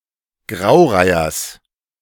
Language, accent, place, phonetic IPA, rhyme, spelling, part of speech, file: German, Germany, Berlin, [ˈɡʁaʊ̯ˌʁaɪ̯ɐs], -aʊ̯ʁaɪ̯ɐs, Graureihers, noun, De-Graureihers.ogg
- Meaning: genitive singular of Graureiher